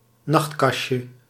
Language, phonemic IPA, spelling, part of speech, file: Dutch, /ˈnɑxtˌkɑʃə/, nachtkastje, noun, Nl-nachtkastje.ogg
- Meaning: diminutive of nachtkast